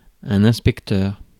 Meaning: 1. inspector 2. assessor 3. police detective
- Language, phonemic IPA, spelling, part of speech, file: French, /ɛ̃s.pɛk.tœʁ/, inspecteur, noun, Fr-inspecteur.ogg